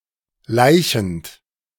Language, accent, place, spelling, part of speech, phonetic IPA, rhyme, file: German, Germany, Berlin, laichend, verb, [ˈlaɪ̯çn̩t], -aɪ̯çn̩t, De-laichend.ogg
- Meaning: present participle of laichen